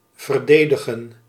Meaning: to defend
- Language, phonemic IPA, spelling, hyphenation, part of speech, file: Dutch, /ˌvərˈdeː.də.ɣə(n)/, verdedigen, ver‧de‧di‧gen, verb, Nl-verdedigen.ogg